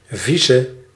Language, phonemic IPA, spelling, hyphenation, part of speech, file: Dutch, /ˈvi.sə-/, vice-, vi‧ce-, prefix, Nl-vice-.ogg
- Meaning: vice- (deputy)